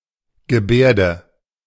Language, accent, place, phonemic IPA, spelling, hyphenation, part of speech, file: German, Germany, Berlin, /ɡəˈbɛ(ː)rdə/, Gebärde, Ge‧bär‧de, noun, De-Gebärde.ogg
- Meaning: 1. gesture (communicative, interpretable motion of the body) 2. sign (linguistic unit in sign languages)